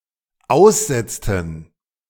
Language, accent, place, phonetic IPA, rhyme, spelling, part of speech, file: German, Germany, Berlin, [ˈaʊ̯sˌzɛt͡stn̩], -aʊ̯szɛt͡stn̩, aussetzten, verb, De-aussetzten.ogg
- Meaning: inflection of aussetzen: 1. first/third-person plural dependent preterite 2. first/third-person plural dependent subjunctive II